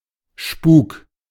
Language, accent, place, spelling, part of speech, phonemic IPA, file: German, Germany, Berlin, Spuk, noun, /ʃpuːk/, De-Spuk.ogg
- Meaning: 1. collective word for apparitions or actions of ghosts, haunting, supernatural (usually frightening) occurrences 2. any set of unusual occurrences, often stressful, but not necessarily negative